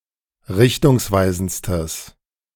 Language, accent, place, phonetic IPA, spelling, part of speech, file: German, Germany, Berlin, [ˈʁɪçtʊŋsˌvaɪ̯zn̩t͡stəs], richtungsweisendstes, adjective, De-richtungsweisendstes.ogg
- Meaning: strong/mixed nominative/accusative neuter singular superlative degree of richtungsweisend